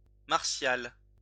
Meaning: martial
- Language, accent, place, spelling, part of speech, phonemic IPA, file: French, France, Lyon, martial, adjective, /maʁ.sjal/, LL-Q150 (fra)-martial.wav